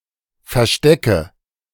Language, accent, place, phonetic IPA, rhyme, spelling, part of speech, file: German, Germany, Berlin, [fɛɐ̯ˈʃtɛkə], -ɛkə, verstecke, verb, De-verstecke.ogg
- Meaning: inflection of verstecken: 1. first-person singular present 2. singular imperative 3. first/third-person singular subjunctive I